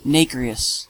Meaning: 1. Of, or resembling nacre (mother of pearl) 2. Exhibiting lustrous or rainbow-like colors
- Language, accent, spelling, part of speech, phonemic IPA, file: English, US, nacreous, adjective, /ˈneɪ.kɹi.əs/, En-us-nacreous.ogg